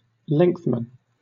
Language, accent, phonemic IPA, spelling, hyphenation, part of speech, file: English, Southern England, /ˈlɛŋθmn̩/, lengthman, length‧man, noun, LL-Q1860 (eng)-lengthman.wav
- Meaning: A man responsible for the care and maintenance of a length of canal, railway, or road